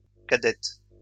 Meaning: feminine plural of cadet
- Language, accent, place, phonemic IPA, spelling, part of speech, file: French, France, Lyon, /ka.dɛt/, cadettes, adjective, LL-Q150 (fra)-cadettes.wav